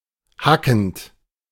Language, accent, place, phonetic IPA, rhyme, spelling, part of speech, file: German, Germany, Berlin, [ˈhakn̩t], -akn̩t, hackend, verb, De-hackend.ogg
- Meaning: present participle of hacken